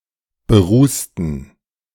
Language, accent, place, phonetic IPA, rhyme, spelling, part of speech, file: German, Germany, Berlin, [bəˈʁuːstn̩], -uːstn̩, berußten, adjective / verb, De-berußten.ogg
- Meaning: inflection of berußen: 1. first/third-person plural preterite 2. first/third-person plural subjunctive II